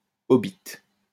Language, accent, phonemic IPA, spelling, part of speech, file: French, France, /ɔ.bit/, obit, noun, LL-Q150 (fra)-obit.wav
- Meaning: death